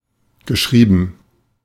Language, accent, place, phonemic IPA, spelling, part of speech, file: German, Germany, Berlin, /ɡəˈʃʁiːbən/, geschrieben, verb, De-geschrieben.ogg
- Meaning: past participle of schreiben